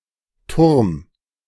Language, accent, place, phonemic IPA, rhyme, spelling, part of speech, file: German, Germany, Berlin, /tʊʁm/, -ʊʁm, Turm, noun, De-Turm.ogg
- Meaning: 1. tower, spire (very tall building or structure, especially with a tapering top) 2. steeple (tall tower on a church, normally topped with a spire) 3. rook (piece shaped like a castle tower)